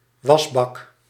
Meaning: washbasin
- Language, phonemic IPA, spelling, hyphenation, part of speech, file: Dutch, /ˈʋɑs.bɑk/, wasbak, was‧bak, noun, Nl-wasbak.ogg